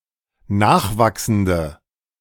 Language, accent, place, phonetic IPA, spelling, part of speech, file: German, Germany, Berlin, [ˈnaːxˌvaksn̩də], nachwachsende, adjective, De-nachwachsende.ogg
- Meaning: inflection of nachwachsend: 1. strong/mixed nominative/accusative feminine singular 2. strong nominative/accusative plural 3. weak nominative all-gender singular